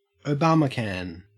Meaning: A member of the U.S. Republican Party who supports or supported the election of Barack Obama as president
- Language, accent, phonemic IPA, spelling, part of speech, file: English, Australia, /oʊˈbɑːməkən/, Obamacan, noun, En-au-Obamacan.ogg